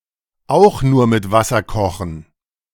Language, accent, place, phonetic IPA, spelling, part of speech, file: German, Germany, Berlin, [ˈaʊ̯x nuːɐ̯ mɪt ˈvasɐ ˈkɔxn̩], auch nur mit Wasser kochen, phrase, De-auch nur mit Wasser kochen.ogg
- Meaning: to put one's pants on one leg at a time (indicating that others are not performing better, are not superior, are nothing special)